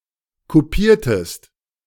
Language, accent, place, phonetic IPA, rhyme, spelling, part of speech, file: German, Germany, Berlin, [kuˈpiːɐ̯təst], -iːɐ̯təst, kupiertest, verb, De-kupiertest.ogg
- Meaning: inflection of kupieren: 1. second-person singular preterite 2. second-person singular subjunctive II